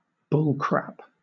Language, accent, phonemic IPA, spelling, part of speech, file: English, Southern England, /ˈbʊlkɹæp/, bullcrap, noun / verb, LL-Q1860 (eng)-bullcrap.wav
- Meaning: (noun) Bullshit; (verb) To tell lies, exaggerate; to mislead; to deceive